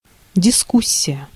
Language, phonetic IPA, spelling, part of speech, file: Russian, [dʲɪˈskusʲ(ː)ɪjə], дискуссия, noun, Ru-дискуссия.ogg
- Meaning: discussion